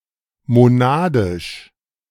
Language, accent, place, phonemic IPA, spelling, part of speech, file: German, Germany, Berlin, /moˈnaːdɪʃ/, monadisch, adjective, De-monadisch.ogg
- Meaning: monadic